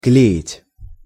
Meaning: 1. to glue, to paste, to gum 2. to pick up (a woman)
- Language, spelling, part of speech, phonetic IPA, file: Russian, клеить, verb, [ˈklʲeɪtʲ], Ru-клеить.ogg